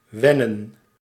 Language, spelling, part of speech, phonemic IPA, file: Dutch, wennen, verb, /ˈʋɛnə(n)/, Nl-wennen.ogg
- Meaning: 1. to get used (to), to become accustomed 2. to become familiar